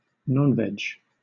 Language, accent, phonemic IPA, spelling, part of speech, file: English, Southern England, /ˈnɒnˌvɛd͡ʒ/, nonveg, adjective, LL-Q1860 (eng)-nonveg.wav
- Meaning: 1. Not vegetarian 2. Inappropriate, adult; not suitable for children